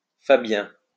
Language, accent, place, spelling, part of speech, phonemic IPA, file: French, France, Lyon, fabien, adjective, /fa.bjɛ̃/, LL-Q150 (fra)-fabien.wav
- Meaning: Fabian